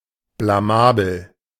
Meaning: embarrassing, disgraceful
- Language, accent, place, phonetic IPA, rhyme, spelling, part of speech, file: German, Germany, Berlin, [blaˈmaːbl̩], -aːbl̩, blamabel, adjective, De-blamabel.ogg